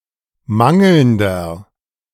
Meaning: inflection of mangelnd: 1. strong/mixed nominative masculine singular 2. strong genitive/dative feminine singular 3. strong genitive plural
- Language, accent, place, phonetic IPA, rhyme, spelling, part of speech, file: German, Germany, Berlin, [ˈmaŋl̩ndɐ], -aŋl̩ndɐ, mangelnder, adjective, De-mangelnder.ogg